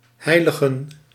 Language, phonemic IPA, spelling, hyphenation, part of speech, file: Dutch, /ˈɦɛi̯.lə.ɣə(n)/, heiligen, hei‧li‧gen, verb / noun, Nl-heiligen.ogg
- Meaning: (verb) to hallow, to sanctify; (noun) plural of heilige